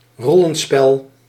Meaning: a roleplaying game
- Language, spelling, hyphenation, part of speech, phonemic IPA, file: Dutch, rollenspel, rol‧len‧spel, noun, /ˈrɔ.lə(n)ˌspɛl/, Nl-rollenspel.ogg